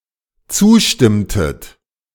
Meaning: inflection of zustimmen: 1. second-person plural dependent preterite 2. second-person plural dependent subjunctive II
- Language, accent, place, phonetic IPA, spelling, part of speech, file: German, Germany, Berlin, [ˈt͡suːˌʃtɪmtət], zustimmtet, verb, De-zustimmtet.ogg